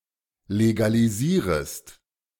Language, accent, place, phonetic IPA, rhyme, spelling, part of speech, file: German, Germany, Berlin, [leɡaliˈziːʁəst], -iːʁəst, legalisierest, verb, De-legalisierest.ogg
- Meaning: second-person singular subjunctive I of legalisieren